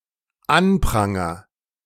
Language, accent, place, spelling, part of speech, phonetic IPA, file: German, Germany, Berlin, anpranger, verb, [ˈanˌpʁaŋɐ], De-anpranger.ogg
- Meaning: first-person singular dependent present of anprangern